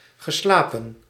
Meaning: past participle of slapen
- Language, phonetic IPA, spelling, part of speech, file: Dutch, [ɣəslaːpə(n)], geslapen, verb, Nl-geslapen.ogg